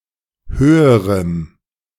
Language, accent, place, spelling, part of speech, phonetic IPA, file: German, Germany, Berlin, höherem, adjective, [ˈhøːəʁəm], De-höherem.ogg
- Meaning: strong dative masculine/neuter singular comparative degree of hoch